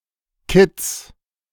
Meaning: fawn (a baby deer, goat, chamois or ibex)
- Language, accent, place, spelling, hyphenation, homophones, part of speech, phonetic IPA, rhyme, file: German, Germany, Berlin, Kitz, Kitz, Kitts / Kids, noun, [kɪt͡s], -ɪt͡s, De-Kitz.ogg